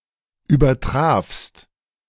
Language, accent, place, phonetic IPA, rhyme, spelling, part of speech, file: German, Germany, Berlin, [yːbɐˈtʁaːfst], -aːfst, übertrafst, verb, De-übertrafst.ogg
- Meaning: second-person singular preterite of übertreffen